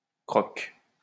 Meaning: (noun) synonym of croque-monsieur; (verb) inflection of croquer: 1. first/third-person singular present indicative/subjunctive 2. second-person singular imperative
- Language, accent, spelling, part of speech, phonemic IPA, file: French, France, croque, noun / verb, /kʁɔk/, LL-Q150 (fra)-croque.wav